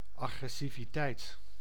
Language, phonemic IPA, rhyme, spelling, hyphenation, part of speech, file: Dutch, /ˌɑ.ɣrɛ.si.viˈtɛi̯t/, -ɛi̯t, agressiviteit, agres‧si‧vi‧teit, noun, Nl-agressiviteit.ogg
- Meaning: aggressiveness, aggression